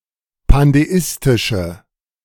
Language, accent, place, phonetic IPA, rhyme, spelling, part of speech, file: German, Germany, Berlin, [pandeˈɪstɪʃə], -ɪstɪʃə, pandeistische, adjective, De-pandeistische.ogg
- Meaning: inflection of pandeistisch: 1. strong/mixed nominative/accusative feminine singular 2. strong nominative/accusative plural 3. weak nominative all-gender singular